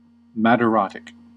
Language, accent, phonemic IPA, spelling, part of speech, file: English, US, /ˌmæd.əˈɹɑt.ɪk/, madarotic, adjective, En-us-madarotic.ogg
- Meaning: Of or pertaining to the loss of eyebrows or eyelashes